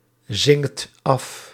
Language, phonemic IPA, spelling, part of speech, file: Dutch, /ˈzɪŋkt ˈɑf/, zinkt af, verb, Nl-zinkt af.ogg
- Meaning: inflection of afzinken: 1. second/third-person singular present indicative 2. plural imperative